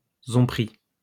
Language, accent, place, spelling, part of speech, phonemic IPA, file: French, France, Lyon, zonpri, noun, /zɔ̃.pʁi/, LL-Q150 (fra)-zonpri.wav
- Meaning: prison